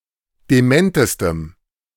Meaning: strong dative masculine/neuter singular superlative degree of dement
- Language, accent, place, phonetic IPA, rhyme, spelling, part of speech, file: German, Germany, Berlin, [deˈmɛntəstəm], -ɛntəstəm, dementestem, adjective, De-dementestem.ogg